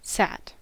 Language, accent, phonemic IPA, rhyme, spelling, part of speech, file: English, US, /sæt/, -æt, sat, verb / adjective / noun, En-us-sat.ogg
- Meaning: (verb) simple past and past participle of sit; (adjective) 1. Abbreviation of satisfactory 2. Abbreviation of satisfied 3. Abbreviation of saturated